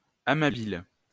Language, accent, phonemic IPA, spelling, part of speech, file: French, France, /a.ma.bi.le/, amabile, adverb, LL-Q150 (fra)-amabile.wav
- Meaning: in a tender, loving style